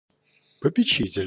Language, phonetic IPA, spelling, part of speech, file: Russian, [pəpʲɪˈt͡ɕitʲɪlʲ], попечитель, noun, Ru-попечитель.ogg
- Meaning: 1. trustee, guardian 2. warden, administrator